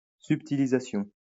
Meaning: subtilization
- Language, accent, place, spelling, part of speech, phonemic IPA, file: French, France, Lyon, subtilisation, noun, /syp.ti.li.za.sjɔ̃/, LL-Q150 (fra)-subtilisation.wav